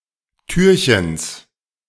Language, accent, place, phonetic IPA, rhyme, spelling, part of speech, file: German, Germany, Berlin, [ˈtyːɐ̯çəns], -yːɐ̯çəns, Türchens, noun, De-Türchens.ogg
- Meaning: genitive of Türchen